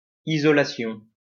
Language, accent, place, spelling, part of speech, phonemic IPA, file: French, France, Lyon, isolation, noun, /i.zɔ.la.sjɔ̃/, LL-Q150 (fra)-isolation.wav
- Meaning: 1. isolation; insulation 2. isolation (low number of morphemes per word on average) 3. isolation (a Freudian defense mechanism)